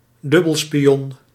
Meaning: double agent
- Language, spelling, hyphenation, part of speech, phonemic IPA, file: Dutch, dubbelspion, dub‧bel‧spi‧on, noun, /ˈdʏ.bəl.spiˌɔn/, Nl-dubbelspion.ogg